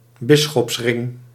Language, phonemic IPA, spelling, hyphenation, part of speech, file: Dutch, /ˈbɪ.sxɔpsˌrɪŋ/, bisschopsring, bis‧schops‧ring, noun, Nl-bisschopsring.ogg
- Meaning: episcopal ring